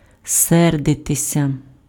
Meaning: 1. to be angry 2. passive of се́рдити (sérdyty)
- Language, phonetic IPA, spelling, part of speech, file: Ukrainian, [ˈsɛrdetesʲɐ], сердитися, verb, Uk-сердитися.ogg